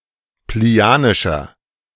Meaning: inflection of plinianisch: 1. strong/mixed nominative masculine singular 2. strong genitive/dative feminine singular 3. strong genitive plural
- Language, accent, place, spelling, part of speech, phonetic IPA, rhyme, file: German, Germany, Berlin, plinianischer, adjective, [pliˈni̯aːnɪʃɐ], -aːnɪʃɐ, De-plinianischer.ogg